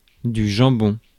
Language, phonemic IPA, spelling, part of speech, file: French, /ʒɑ̃.bɔ̃/, jambon, noun, Fr-jambon.ogg
- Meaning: ham